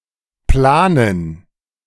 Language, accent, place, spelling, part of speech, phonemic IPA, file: German, Germany, Berlin, planen, verb, /ˈplaːnən/, De-planen.ogg
- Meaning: to plan (some action or event)